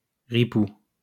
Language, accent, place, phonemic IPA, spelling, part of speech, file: French, France, Lyon, /ʁi.pu/, ripou, adjective / noun, LL-Q150 (fra)-ripou.wav
- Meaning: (adjective) 1. bent (corrupt) 2. poor, shit, crap; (noun) corrupt police officer